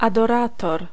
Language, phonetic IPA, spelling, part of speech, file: Polish, [ˌadɔˈratɔr], adorator, noun, Pl-adorator.ogg